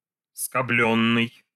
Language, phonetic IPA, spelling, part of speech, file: Russian, [skɐˈblʲɵnːɨj], скоблённый, verb, Ru-скоблённый.ogg
- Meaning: past passive imperfective participle of скобли́ть (skoblítʹ)